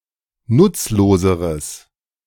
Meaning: strong/mixed nominative/accusative neuter singular comparative degree of nutzlos
- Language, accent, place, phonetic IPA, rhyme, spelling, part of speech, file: German, Germany, Berlin, [ˈnʊt͡sloːzəʁəs], -ʊt͡sloːzəʁəs, nutzloseres, adjective, De-nutzloseres.ogg